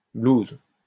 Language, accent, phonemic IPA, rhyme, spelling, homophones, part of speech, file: French, France, /bluz/, -uz, blues, blouse / blousent / blouses, noun, LL-Q150 (fra)-blues.wav
- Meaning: 1. blues (depression) 2. blues (musical genre of African American origin) 3. blues (a blues composition)